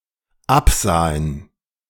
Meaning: first/third-person plural dependent preterite of absehen
- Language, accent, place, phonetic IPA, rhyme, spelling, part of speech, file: German, Germany, Berlin, [ˈapˌzaːən], -apzaːən, absahen, verb, De-absahen.ogg